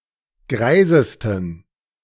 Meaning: 1. superlative degree of greis 2. inflection of greis: strong genitive masculine/neuter singular superlative degree
- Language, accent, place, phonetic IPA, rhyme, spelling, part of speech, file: German, Germany, Berlin, [ˈɡʁaɪ̯zəstn̩], -aɪ̯zəstn̩, greisesten, adjective, De-greisesten.ogg